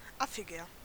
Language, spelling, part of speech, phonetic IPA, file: German, affiger, adjective, [ˈafɪɡɐ], De-affiger.ogg
- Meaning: 1. comparative degree of affig 2. inflection of affig: strong/mixed nominative masculine singular 3. inflection of affig: strong genitive/dative feminine singular